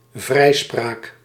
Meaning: release (of a suspect), acquittal
- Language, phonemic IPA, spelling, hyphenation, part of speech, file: Dutch, /ˈvrɛi̯.spraːk/, vrijspraak, vrij‧spraak, noun, Nl-vrijspraak.ogg